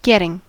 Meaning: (verb) present participle and gerund of get; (noun) 1. The act of obtaining or acquiring; acquisition 2. That which is got or obtained; gain; profit
- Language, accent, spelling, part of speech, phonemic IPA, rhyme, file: English, US, getting, verb / noun, /ˈɡɛtɪŋ/, -ɛtɪŋ, En-us-getting.ogg